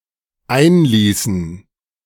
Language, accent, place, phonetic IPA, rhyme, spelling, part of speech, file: German, Germany, Berlin, [ˈaɪ̯nˌliːsn̩], -aɪ̯nliːsn̩, einließen, verb, De-einließen.ogg
- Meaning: inflection of einlassen: 1. first/third-person plural dependent preterite 2. first/third-person plural dependent subjunctive II